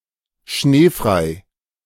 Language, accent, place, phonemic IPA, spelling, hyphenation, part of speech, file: German, Germany, Berlin, /ˈʃneːˌfʁaɪ̯/, schneefrei, schnee‧frei, adjective, De-schneefrei.ogg
- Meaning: 1. snow-free, free from snow 2. excused from school because of excessive snowfall; having a snow day